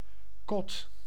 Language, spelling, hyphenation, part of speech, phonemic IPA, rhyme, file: Dutch, kot, kot, noun, /kɔt/, -ɔt, Nl-kot.ogg
- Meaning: 1. bad, ramshackle housing 2. rudimentary building to store (garden) material 3. student room